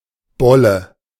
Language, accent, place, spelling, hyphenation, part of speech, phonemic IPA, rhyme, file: German, Germany, Berlin, Bolle, Bol‧le, noun, /ˈbɔlə/, -ɔlə, De-Bolle.ogg
- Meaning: a thickish, roundish object: 1. bulb, tuber 2. alternative form of Bollen m (“thigh”)